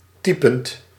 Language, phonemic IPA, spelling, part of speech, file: Dutch, /ˈtɛɪ̯.pənt/, typend, verb, Nl-typend.ogg
- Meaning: present participle of typen